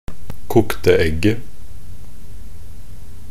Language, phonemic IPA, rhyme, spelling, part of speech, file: Norwegian Bokmål, /ˈkʊktə ɛɡːə/, -ɛɡːə, kokte egget, noun, Nb-kokte egget.ogg
- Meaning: definite singular of kokt egg